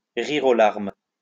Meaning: to laugh out loud, to laugh one's head off, to laugh until one cries, to be in stitches
- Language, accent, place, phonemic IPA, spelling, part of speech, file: French, France, Lyon, /ʁiʁ o laʁm/, rire aux larmes, verb, LL-Q150 (fra)-rire aux larmes.wav